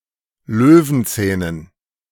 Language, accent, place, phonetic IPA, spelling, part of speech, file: German, Germany, Berlin, [ˈløːvn̩ˌt͡sɛːnən], Löwenzähnen, noun, De-Löwenzähnen.ogg
- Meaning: dative plural of Löwenzahn